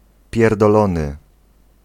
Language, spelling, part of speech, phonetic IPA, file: Polish, pierdolony, verb / adjective, [ˌpʲjɛrdɔˈlɔ̃nɨ], Pl-pierdolony.ogg